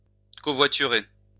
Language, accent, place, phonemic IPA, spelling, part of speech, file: French, France, Lyon, /kɔ.vwa.ty.ʁe/, covoiturer, verb, LL-Q150 (fra)-covoiturer.wav
- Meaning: to carpool